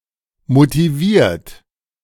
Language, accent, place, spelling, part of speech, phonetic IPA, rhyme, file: German, Germany, Berlin, motiviert, adjective / verb, [motiˈviːɐ̯t], -iːɐ̯t, De-motiviert.ogg
- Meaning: 1. past participle of motivieren 2. inflection of motivieren: third-person singular present 3. inflection of motivieren: second-person plural present 4. inflection of motivieren: plural imperative